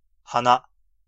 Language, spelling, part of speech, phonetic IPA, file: Japanese, 鼻, noun / pronoun, [ha̠na̠], Ja-hana-flower or nose etc.ogg
- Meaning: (noun) 1. nose 2. trunk; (pronoun) first-person personal male pronoun; I, me